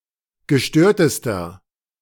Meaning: inflection of gestört: 1. strong/mixed nominative masculine singular superlative degree 2. strong genitive/dative feminine singular superlative degree 3. strong genitive plural superlative degree
- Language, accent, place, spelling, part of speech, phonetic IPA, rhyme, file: German, Germany, Berlin, gestörtester, adjective, [ɡəˈʃtøːɐ̯təstɐ], -øːɐ̯təstɐ, De-gestörtester.ogg